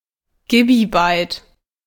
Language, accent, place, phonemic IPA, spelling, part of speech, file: German, Germany, Berlin, /ˈɡiːbiˌbaɪ̯t/, Gibibyte, noun, De-Gibibyte.ogg
- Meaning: gibibyte (2³⁰ bytes)